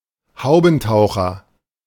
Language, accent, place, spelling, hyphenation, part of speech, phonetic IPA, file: German, Germany, Berlin, Haubentaucher, Hau‧ben‧tau‧cher, noun, [ˈhaʊ̯bn̩ˌtaʊ̯xɐ], De-Haubentaucher.ogg
- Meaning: great crested grebe